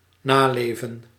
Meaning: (verb) 1. to observe, live by, respect (a rule, etc.) 2. to live on, have an afterlife, be continued after one's own time
- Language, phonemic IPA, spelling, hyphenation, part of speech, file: Dutch, /ˈnaːˌleː.və(n)/, naleven, na‧le‧ven, verb / noun, Nl-naleven.ogg